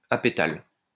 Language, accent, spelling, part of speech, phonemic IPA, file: French, France, apétale, adjective, /a.pe.tal/, LL-Q150 (fra)-apétale.wav
- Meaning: apetalous